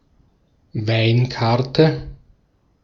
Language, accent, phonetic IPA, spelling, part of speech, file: German, Austria, [ˈvaɪ̯nˌkaʁtə], Weinkarte, noun, De-at-Weinkarte.ogg
- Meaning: wine list